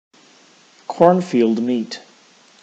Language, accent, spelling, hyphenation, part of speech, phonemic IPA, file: English, General American, cornfield meet, corn‧field meet, noun, /ˈkɔɹnˌfild ˌmit/, En-us-cornfield meet.ogg
- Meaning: An accidental head-on collision or near head-on collision of two trains